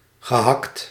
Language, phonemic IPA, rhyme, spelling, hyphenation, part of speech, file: Dutch, /ɣəˈɦɑkt/, -ɑkt, gehakt, ge‧hakt, noun / verb, Nl-gehakt.ogg
- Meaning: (noun) mince, ground meat, finely chopped meat; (verb) past participle of hakken